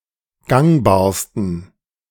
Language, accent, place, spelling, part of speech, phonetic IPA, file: German, Germany, Berlin, gangbarsten, adjective, [ˈɡaŋbaːɐ̯stn̩], De-gangbarsten.ogg
- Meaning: 1. superlative degree of gangbar 2. inflection of gangbar: strong genitive masculine/neuter singular superlative degree